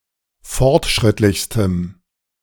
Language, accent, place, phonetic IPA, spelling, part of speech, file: German, Germany, Berlin, [ˈfɔʁtˌʃʁɪtlɪçstəm], fortschrittlichstem, adjective, De-fortschrittlichstem.ogg
- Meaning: strong dative masculine/neuter singular superlative degree of fortschrittlich